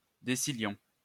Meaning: 1. novemdecillion (10⁶⁰) 2. decillion (10³³)
- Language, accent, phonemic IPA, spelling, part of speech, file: French, France, /de.si.ljɔ̃/, décillion, numeral, LL-Q150 (fra)-décillion.wav